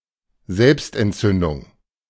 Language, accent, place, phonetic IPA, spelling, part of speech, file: German, Germany, Berlin, [ˈzɛlpstʔɛntˌt͡sʏndʊŋ], Selbstentzündung, noun, De-Selbstentzündung.ogg
- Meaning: autoignition